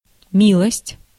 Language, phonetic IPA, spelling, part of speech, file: Russian, [ˈmʲiɫəsʲtʲ], милость, noun, Ru-милость.ogg
- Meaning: 1. mercy, charity, grace, kindness (behaviour, quality) 2. good deed, favour/favor (act) 3. (good) favour/favor (acceptance or trust by someone) 4. pardon, quarter 5. (your) grace